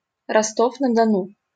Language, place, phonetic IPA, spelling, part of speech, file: Russian, Saint Petersburg, [rɐˈstof nə‿dɐˈnu], Ростов-на-Дону, proper noun, LL-Q7737 (rus)-Ростов-на-Дону.wav
- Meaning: Rostov-on-Don, Rostov-na-Donu (a large city, the administrative center of Rostov Oblast, in southern Russia)